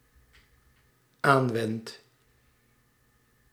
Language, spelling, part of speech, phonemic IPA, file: Dutch, aanwend, verb, /ˈaɱwɛnt/, Nl-aanwend.ogg
- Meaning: first-person singular dependent-clause present indicative of aanwenden